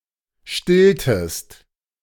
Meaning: inflection of stillen: 1. second-person singular preterite 2. second-person singular subjunctive II
- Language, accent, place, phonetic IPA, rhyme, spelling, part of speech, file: German, Germany, Berlin, [ˈʃtɪltəst], -ɪltəst, stilltest, verb, De-stilltest.ogg